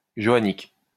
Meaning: Johannic
- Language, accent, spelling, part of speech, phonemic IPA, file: French, France, johannique, adjective, /ʒɔ.a.nik/, LL-Q150 (fra)-johannique.wav